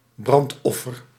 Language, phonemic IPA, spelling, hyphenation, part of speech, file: Dutch, /ˈbrɑntˌɔ.fər/, brandoffer, brand‧of‧fer, noun, Nl-brandoffer.ogg
- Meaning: burnt offering, holocaust